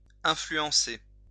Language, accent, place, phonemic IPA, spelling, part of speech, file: French, France, Lyon, /ɛ̃.fly.ɑ̃.se/, influencer, verb, LL-Q150 (fra)-influencer.wav
- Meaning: influence (to exert an influence upon)